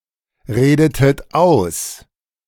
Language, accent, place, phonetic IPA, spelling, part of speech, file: German, Germany, Berlin, [ˌʁeːdətət ˈaʊ̯s], redetet aus, verb, De-redetet aus.ogg
- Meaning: inflection of ausreden: 1. second-person plural preterite 2. second-person plural subjunctive II